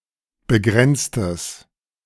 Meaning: strong/mixed nominative/accusative neuter singular of begrenzt
- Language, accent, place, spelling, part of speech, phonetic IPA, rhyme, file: German, Germany, Berlin, begrenztes, adjective, [bəˈɡʁɛnt͡stəs], -ɛnt͡stəs, De-begrenztes.ogg